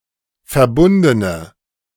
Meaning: inflection of verbunden: 1. strong/mixed nominative/accusative feminine singular 2. strong nominative/accusative plural 3. weak nominative all-gender singular
- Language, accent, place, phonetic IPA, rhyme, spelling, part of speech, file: German, Germany, Berlin, [fɛɐ̯ˈbʊndənə], -ʊndənə, verbundene, adjective, De-verbundene.ogg